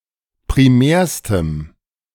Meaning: strong dative masculine/neuter singular superlative degree of primär
- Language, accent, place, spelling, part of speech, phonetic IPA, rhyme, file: German, Germany, Berlin, primärstem, adjective, [pʁiˈmɛːɐ̯stəm], -ɛːɐ̯stəm, De-primärstem.ogg